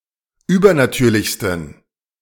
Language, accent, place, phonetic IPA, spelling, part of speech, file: German, Germany, Berlin, [ˈyːbɐnaˌtyːɐ̯lɪçstn̩], übernatürlichsten, adjective, De-übernatürlichsten.ogg
- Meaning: 1. superlative degree of übernatürlich 2. inflection of übernatürlich: strong genitive masculine/neuter singular superlative degree